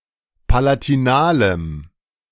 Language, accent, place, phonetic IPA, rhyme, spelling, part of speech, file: German, Germany, Berlin, [palatiˈnaːləm], -aːləm, palatinalem, adjective, De-palatinalem.ogg
- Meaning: strong dative masculine/neuter singular of palatinal